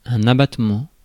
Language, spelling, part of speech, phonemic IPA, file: French, abattement, noun, /a.bat.mɑ̃/, Fr-abattement.ogg
- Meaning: 1. a diminution of physical or moral strength; dejection; exhaustion; despondency 2. a type of allowance or tax deduction 3. a discount 4. obsolete form of abattage